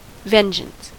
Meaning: 1. Revenge taken for an insult, injury, or other wrong 2. Desire for revenge
- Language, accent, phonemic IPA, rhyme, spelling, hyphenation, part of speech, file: English, US, /ˈvɛnˌd͡ʒəns/, -ɛnd͡ʒəns, vengeance, ven‧geance, noun, En-us-vengeance.ogg